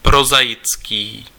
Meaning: prosaic (pertaining to or having the characteristics of prose)
- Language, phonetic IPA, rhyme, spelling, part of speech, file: Czech, [ˈprozaɪt͡skiː], -ɪtskiː, prozaický, adjective, Cs-prozaický.ogg